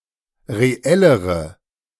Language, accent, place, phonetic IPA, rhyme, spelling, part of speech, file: German, Germany, Berlin, [ʁeˈɛləʁə], -ɛləʁə, reellere, adjective, De-reellere.ogg
- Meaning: inflection of reell: 1. strong/mixed nominative/accusative feminine singular comparative degree 2. strong nominative/accusative plural comparative degree